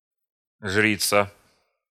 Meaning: female equivalent of жрец (žrec): priestess (in a pagan religion)
- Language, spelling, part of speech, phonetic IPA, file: Russian, жрица, noun, [ˈʐrʲit͡sə], Ru-жрица.ogg